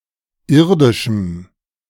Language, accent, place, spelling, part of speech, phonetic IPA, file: German, Germany, Berlin, irdischem, adjective, [ˈɪʁdɪʃm̩], De-irdischem.ogg
- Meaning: strong dative masculine/neuter singular of irdisch